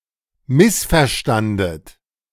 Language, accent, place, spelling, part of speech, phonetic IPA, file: German, Germany, Berlin, missverstandet, verb, [ˈmɪsfɛɐ̯ˌʃtandət], De-missverstandet.ogg
- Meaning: second-person plural preterite of missverstehen